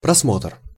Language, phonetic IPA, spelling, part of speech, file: Russian, [prɐsˈmotr], просмотр, noun, Ru-просмотр.ogg
- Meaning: 1. viewing, browsing, examination, review, revision 2. oversight 3. lookup, scan